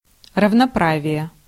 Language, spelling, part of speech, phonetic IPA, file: Russian, равноправие, noun, [rəvnɐˈpravʲɪje], Ru-равноправие.ogg
- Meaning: equality (equal treatment of people irrespective of social or cultural differences)